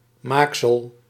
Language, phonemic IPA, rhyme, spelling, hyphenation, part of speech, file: Dutch, /ˈmaːk.səl/, -aːksəl, maaksel, maak‧sel, noun, Nl-maaksel.ogg
- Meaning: 1. something that has been made, a product 2. fabric